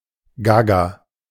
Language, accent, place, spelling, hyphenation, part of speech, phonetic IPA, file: German, Germany, Berlin, gaga, ga‧ga, adjective, [ˈɡaɡa], De-gaga.ogg
- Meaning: gaga